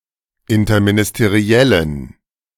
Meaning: inflection of interministeriell: 1. strong genitive masculine/neuter singular 2. weak/mixed genitive/dative all-gender singular 3. strong/weak/mixed accusative masculine singular
- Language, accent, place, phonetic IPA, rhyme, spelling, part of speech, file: German, Germany, Berlin, [ɪntɐminɪsteˈʁi̯ɛlən], -ɛlən, interministeriellen, adjective, De-interministeriellen.ogg